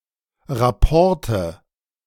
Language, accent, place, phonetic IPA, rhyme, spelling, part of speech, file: German, Germany, Berlin, [ʁaˈpɔʁtə], -ɔʁtə, Rapporte, noun, De-Rapporte.ogg
- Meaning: nominative/accusative/genitive plural of Rapport